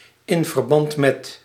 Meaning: initialism of in verband met
- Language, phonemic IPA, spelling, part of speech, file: Dutch, /ˌɪɱfərˈbɑntmɛt/, i.v.m., preposition, Nl-i.v.m..ogg